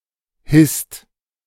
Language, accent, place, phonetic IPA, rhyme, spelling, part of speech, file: German, Germany, Berlin, [hɪst], -ɪst, hisst, verb, De-hisst.ogg
- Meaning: inflection of hissen: 1. second-person singular/plural present 2. third-person singular present 3. plural imperative